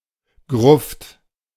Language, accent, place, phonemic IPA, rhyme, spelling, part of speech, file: German, Germany, Berlin, /ɡʁʊft/, -ʊft, Gruft, noun, De-Gruft.ogg
- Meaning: 1. a vault, tomb, masoned grave; any kind, but especially one that is underground 2. an open grave 3. a family grave, a parcel on a cemetery for usually two or more coffins